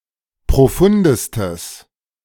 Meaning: strong/mixed nominative/accusative neuter singular superlative degree of profund
- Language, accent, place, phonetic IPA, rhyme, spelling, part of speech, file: German, Germany, Berlin, [pʁoˈfʊndəstəs], -ʊndəstəs, profundestes, adjective, De-profundestes.ogg